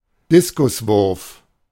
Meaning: discus throw
- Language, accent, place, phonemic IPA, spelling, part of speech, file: German, Germany, Berlin, /ˈdɪskʊsvʊrf/, Diskuswurf, noun, De-Diskuswurf.ogg